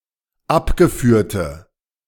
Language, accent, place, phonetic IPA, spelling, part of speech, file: German, Germany, Berlin, [ˈapɡəˌfyːɐ̯tə], abgeführte, adjective, De-abgeführte.ogg
- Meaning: inflection of abgeführt: 1. strong/mixed nominative/accusative feminine singular 2. strong nominative/accusative plural 3. weak nominative all-gender singular